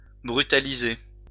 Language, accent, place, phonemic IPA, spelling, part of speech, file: French, France, Lyon, /bʁy.ta.li.ze/, brutaliser, verb, LL-Q150 (fra)-brutaliser.wav
- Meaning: to ill-treat, brutalise